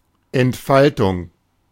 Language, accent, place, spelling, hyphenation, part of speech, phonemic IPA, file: German, Germany, Berlin, Entfaltung, Ent‧fal‧tung, noun, /ɛntˈfaltʊŋ/, De-Entfaltung.ogg
- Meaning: unfolding, development